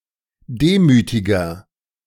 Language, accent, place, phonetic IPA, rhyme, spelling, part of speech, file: German, Germany, Berlin, [ˈdeːmyːtɪɡɐ], -eːmyːtɪɡɐ, demütiger, adjective, De-demütiger.ogg
- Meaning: inflection of demütig: 1. strong/mixed nominative masculine singular 2. strong genitive/dative feminine singular 3. strong genitive plural